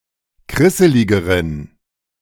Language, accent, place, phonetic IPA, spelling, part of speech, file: German, Germany, Berlin, [ˈkʁɪsəlɪɡəʁən], krisseligeren, adjective, De-krisseligeren.ogg
- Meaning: inflection of krisselig: 1. strong genitive masculine/neuter singular comparative degree 2. weak/mixed genitive/dative all-gender singular comparative degree